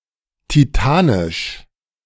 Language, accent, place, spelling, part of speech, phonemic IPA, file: German, Germany, Berlin, titanisch, adjective, /tiˈtaːnɪʃ/, De-titanisch.ogg
- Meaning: titanic (all senses, though the chemical sense has no comparative or superlative)